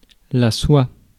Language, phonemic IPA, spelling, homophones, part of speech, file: French, /swa/, soie, soi / soient / soies / sois / soit, noun, Fr-soie.ogg
- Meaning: 1. silk 2. bristle 3. tang of a blade